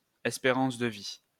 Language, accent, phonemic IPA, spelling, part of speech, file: French, France, /ɛs.pe.ʁɑ̃s də vi/, espérance de vie, noun, LL-Q150 (fra)-espérance de vie.wav
- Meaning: 1. life expectancy (years of expected life according to statistical tables) 2. mean time to breakdown